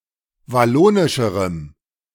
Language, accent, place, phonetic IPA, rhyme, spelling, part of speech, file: German, Germany, Berlin, [vaˈloːnɪʃəʁəm], -oːnɪʃəʁəm, wallonischerem, adjective, De-wallonischerem.ogg
- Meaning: strong dative masculine/neuter singular comparative degree of wallonisch